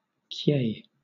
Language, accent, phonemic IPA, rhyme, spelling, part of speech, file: English, Southern England, /kjeɪ/, -eɪ, kye, noun, LL-Q1860 (eng)-kye.wav
- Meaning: A Korean fundraising meeting